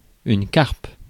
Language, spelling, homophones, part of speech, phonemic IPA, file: French, carpe, carpes, noun, /kaʁp/, Fr-carpe.ogg
- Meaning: 1. carp 2. carpus